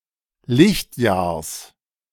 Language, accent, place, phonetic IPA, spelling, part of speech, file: German, Germany, Berlin, [ˈlɪçtˌjaːɐ̯s], Lichtjahrs, noun, De-Lichtjahrs.ogg
- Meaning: genitive singular of Lichtjahr